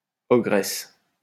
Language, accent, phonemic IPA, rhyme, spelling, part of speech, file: French, France, /ɔ.ɡʁɛs/, -ɛs, ogresse, noun, LL-Q150 (fra)-ogresse.wav
- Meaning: ogress; female equivalent of ogre